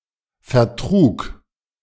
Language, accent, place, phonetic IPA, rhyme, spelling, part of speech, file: German, Germany, Berlin, [fɛɐ̯ˈtʁuːk], -uːk, vertrug, verb, De-vertrug.ogg
- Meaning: first/third-person singular preterite of vertragen